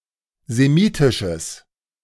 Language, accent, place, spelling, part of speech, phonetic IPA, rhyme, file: German, Germany, Berlin, semitisches, adjective, [zeˈmiːtɪʃəs], -iːtɪʃəs, De-semitisches.ogg
- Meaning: strong/mixed nominative/accusative neuter singular of semitisch